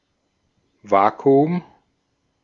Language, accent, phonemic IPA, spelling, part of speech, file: German, Austria, /ˈvaːkuʊm/, Vakuum, noun, De-at-Vakuum.ogg
- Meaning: vacuum